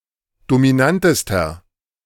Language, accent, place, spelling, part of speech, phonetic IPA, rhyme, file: German, Germany, Berlin, dominantester, adjective, [domiˈnantəstɐ], -antəstɐ, De-dominantester.ogg
- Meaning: inflection of dominant: 1. strong/mixed nominative masculine singular superlative degree 2. strong genitive/dative feminine singular superlative degree 3. strong genitive plural superlative degree